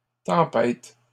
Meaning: third-person plural present indicative/subjunctive of tempêter
- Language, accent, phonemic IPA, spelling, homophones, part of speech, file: French, Canada, /tɑ̃.pɛt/, tempêtent, tempête / tempêtes, verb, LL-Q150 (fra)-tempêtent.wav